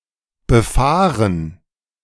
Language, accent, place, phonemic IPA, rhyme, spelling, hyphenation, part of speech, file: German, Germany, Berlin, /bəˈfaːʁən/, -aːʁən, befahren, be‧fah‧ren, verb / adjective, De-befahren.ogg
- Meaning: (verb) 1. to drive on, along; to sail; to cruise (a road, sea, strait, rail track, with any type of vehicle) 2. to travel to 3. to spray, dump while driving along 4. to enter (a shaft etc.)